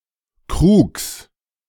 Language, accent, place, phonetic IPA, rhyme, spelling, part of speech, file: German, Germany, Berlin, [kʁuːks], -uːks, Krugs, noun, De-Krugs.ogg
- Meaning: genitive singular of Krug